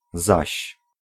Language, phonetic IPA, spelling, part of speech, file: Polish, [zaɕ], zaś, conjunction, Pl-zaś.ogg